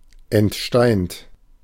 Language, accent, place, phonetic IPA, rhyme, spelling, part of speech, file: German, Germany, Berlin, [ɛntˈʃtaɪ̯nt], -aɪ̯nt, entsteint, adjective / verb, De-entsteint.ogg
- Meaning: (verb) past participle of entsteinen; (adjective) pitted; having had the pit removed